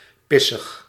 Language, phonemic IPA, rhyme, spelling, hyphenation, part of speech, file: Dutch, /ˈpɪ.səx/, -ɪsəx, pissig, pis‧sig, adjective, Nl-pissig.ogg
- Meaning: pissed, irritable, angry